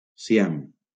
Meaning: Siam (former name of Thailand: a country in Southeast Asia)
- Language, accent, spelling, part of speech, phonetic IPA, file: Catalan, Valencia, Siam, proper noun, [siˈam], LL-Q7026 (cat)-Siam.wav